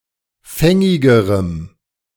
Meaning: strong dative masculine/neuter singular comparative degree of fängig
- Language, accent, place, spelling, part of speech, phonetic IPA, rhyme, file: German, Germany, Berlin, fängigerem, adjective, [ˈfɛŋɪɡəʁəm], -ɛŋɪɡəʁəm, De-fängigerem.ogg